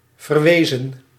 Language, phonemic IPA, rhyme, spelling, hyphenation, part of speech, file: Dutch, /ˌvərˈʋeː.zən/, -eːzən, verwezen, ver‧we‧zen, verb, Nl-verwezen.ogg
- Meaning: 1. to become orphaned 2. to orphan, to bereave of parents 3. inflection of verwijzen: plural past indicative 4. inflection of verwijzen: plural past subjunctive 5. past participle of verwijzen